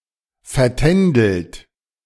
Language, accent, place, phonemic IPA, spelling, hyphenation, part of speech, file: German, Germany, Berlin, /fɛɐ̯ˈtɛn.dəlt/, vertändelt, ver‧tän‧delt, verb, De-vertändelt.ogg
- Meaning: 1. past participle of vertändeln 2. inflection of vertändeln: third-person singular present 3. inflection of vertändeln: second-person plural present 4. inflection of vertändeln: plural imperative